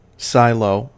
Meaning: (noun) 1. A vertical building, usually cylindrical, used for the production of silage 2. From the shape, a building used for the storage of grain
- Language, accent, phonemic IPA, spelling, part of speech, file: English, US, /ˈsaɪloʊ/, silo, noun / verb, En-us-silo.ogg